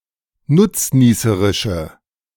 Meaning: inflection of nutznießerisch: 1. strong/mixed nominative/accusative feminine singular 2. strong nominative/accusative plural 3. weak nominative all-gender singular
- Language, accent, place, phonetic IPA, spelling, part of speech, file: German, Germany, Berlin, [ˈnʊt͡sˌniːsəʁɪʃə], nutznießerische, adjective, De-nutznießerische.ogg